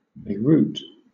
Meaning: 1. The capital and largest city of Lebanon 2. The capital and largest city of Lebanon.: The Lebanese government 3. The drinking game of beer pong
- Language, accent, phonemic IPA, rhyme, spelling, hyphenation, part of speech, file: English, Southern England, /beɪˈɹuːt/, -uːt, Beirut, Bei‧rut, proper noun, LL-Q1860 (eng)-Beirut.wav